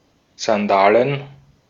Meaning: plural of Sandale
- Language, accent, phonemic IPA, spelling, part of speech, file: German, Austria, /zanˈdaːlən/, Sandalen, noun, De-at-Sandalen.ogg